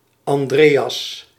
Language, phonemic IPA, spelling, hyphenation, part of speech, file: Dutch, /ˌɑnˈdreː.ɑs/, Andreas, An‧dre‧as, proper noun, Nl-Andreas.ogg
- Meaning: 1. Andrew (apostle, brother of the apostle Peter) 2. a male given name from Ancient Greek, equivalent to English Andrew